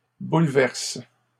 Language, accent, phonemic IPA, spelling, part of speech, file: French, Canada, /bul.vɛʁs/, bouleverse, verb, LL-Q150 (fra)-bouleverse.wav
- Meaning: inflection of bouleverser: 1. first/third-person singular present indicative/subjunctive 2. second-person singular imperative